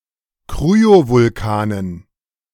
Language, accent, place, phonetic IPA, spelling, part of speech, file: German, Germany, Berlin, [ˈkʁyovʊlˌkaːnən], Kryovulkanen, noun, De-Kryovulkanen.ogg
- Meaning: dative plural of Kryovulkan